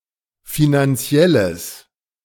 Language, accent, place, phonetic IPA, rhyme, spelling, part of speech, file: German, Germany, Berlin, [ˌfinanˈt͡si̯ɛləs], -ɛləs, finanzielles, adjective, De-finanzielles.ogg
- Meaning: strong/mixed nominative/accusative neuter singular of finanziell